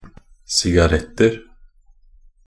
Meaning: indefinite plural of sigarett
- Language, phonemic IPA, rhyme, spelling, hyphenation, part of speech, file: Norwegian Bokmål, /sɪɡaˈrɛtːər/, -ər, sigaretter, si‧ga‧rett‧er, noun, Nb-sigaretter.ogg